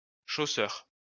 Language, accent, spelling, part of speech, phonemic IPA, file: French, France, chausseur, noun, /ʃo.sœʁ/, LL-Q150 (fra)-chausseur.wav
- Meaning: shoemaker